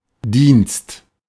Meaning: 1. service 2. work, duty
- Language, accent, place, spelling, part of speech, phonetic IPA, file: German, Germany, Berlin, Dienst, noun, [diːnst], De-Dienst.ogg